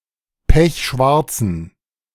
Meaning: inflection of pechschwarz: 1. strong genitive masculine/neuter singular 2. weak/mixed genitive/dative all-gender singular 3. strong/weak/mixed accusative masculine singular 4. strong dative plural
- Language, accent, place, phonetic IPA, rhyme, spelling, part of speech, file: German, Germany, Berlin, [ˈpɛçˈʃvaʁt͡sn̩], -aʁt͡sn̩, pechschwarzen, adjective, De-pechschwarzen.ogg